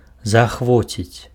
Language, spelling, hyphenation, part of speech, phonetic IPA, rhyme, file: Belarusian, заахвоціць, за‧ах‧во‧ціць, verb, [zaaxˈvot͡sʲit͡sʲ], -ot͡sʲit͡sʲ, Be-заахвоціць.ogg
- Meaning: to encourage (to create a desire for something, a desire to do something)